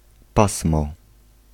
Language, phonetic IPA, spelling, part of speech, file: Polish, [ˈpasmɔ], pasmo, noun, Pl-pasmo.ogg